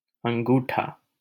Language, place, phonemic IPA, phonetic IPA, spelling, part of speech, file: Hindi, Delhi, /əŋ.ɡuː.ʈʰɑː/, [ɐ̃ŋ.ɡuː.ʈʰäː], अंगूठा, noun, LL-Q1568 (hin)-अंगूठा.wav
- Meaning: 1. thumb 2. the big toe, hallux